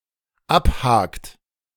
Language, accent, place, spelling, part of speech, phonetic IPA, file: German, Germany, Berlin, abhakt, verb, [ˈapˌhaːkt], De-abhakt.ogg
- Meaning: inflection of abhaken: 1. third-person singular dependent present 2. second-person plural dependent present